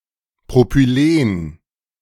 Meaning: propylene
- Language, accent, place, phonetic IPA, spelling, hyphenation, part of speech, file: German, Germany, Berlin, [pʁopyˈleːn], Propylen, Pro‧py‧len, noun, De-Propylen.ogg